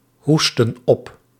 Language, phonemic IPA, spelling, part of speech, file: Dutch, /ˈhustə(n) ˈɔp/, hoesten op, verb, Nl-hoesten op.ogg
- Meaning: inflection of ophoesten: 1. plural present indicative 2. plural present subjunctive